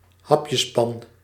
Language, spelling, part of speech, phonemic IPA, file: Dutch, hapjespan, noun, /ˈɦɑpjəspɑn/, Nl-hapjespan.ogg
- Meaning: saute pan